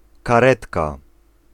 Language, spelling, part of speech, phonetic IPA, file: Polish, karetka, noun, [kaˈrɛtka], Pl-karetka.ogg